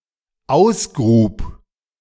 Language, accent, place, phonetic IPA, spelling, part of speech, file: German, Germany, Berlin, [ˈaʊ̯sˌɡʁuːp], ausgrub, verb, De-ausgrub.ogg
- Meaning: first/third-person singular dependent preterite of ausgraben